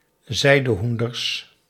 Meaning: plural of zijdehoen
- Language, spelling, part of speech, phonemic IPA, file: Dutch, zijdehoenders, noun, /ˈzɛidəˌhundərs/, Nl-zijdehoenders.ogg